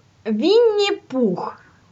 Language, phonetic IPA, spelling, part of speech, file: Russian, [ˈvʲinʲːɪ ˈpux], Винни-Пух, proper noun, Ru-Vinni Pukh.ogg
- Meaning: Winnie the Pooh